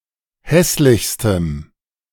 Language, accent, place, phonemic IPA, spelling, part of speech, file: German, Germany, Berlin, /ˈhɛslɪçstəm/, hässlichstem, adjective, De-hässlichstem.ogg
- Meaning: strong dative masculine/neuter singular superlative degree of hässlich